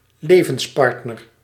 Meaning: life partner
- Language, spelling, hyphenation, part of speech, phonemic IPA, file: Dutch, levenspartner, le‧vens‧part‧ner, noun, /ˈlevə(n)sˌpɑrtnər/, Nl-levenspartner.ogg